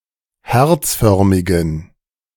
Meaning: inflection of herzförmig: 1. strong genitive masculine/neuter singular 2. weak/mixed genitive/dative all-gender singular 3. strong/weak/mixed accusative masculine singular 4. strong dative plural
- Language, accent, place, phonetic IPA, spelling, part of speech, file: German, Germany, Berlin, [ˈhɛʁt͡sˌfœʁmɪɡn̩], herzförmigen, adjective, De-herzförmigen.ogg